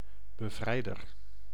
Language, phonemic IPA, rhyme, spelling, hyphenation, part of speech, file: Dutch, /bəˈvrɛi̯.dər/, -ɛi̯dər, bevrijder, be‧vrij‧der, noun, Nl-bevrijder.ogg
- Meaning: liberator